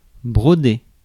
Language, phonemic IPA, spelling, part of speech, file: French, /bʁɔ.de/, broder, verb, Fr-broder.ogg
- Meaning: to embroider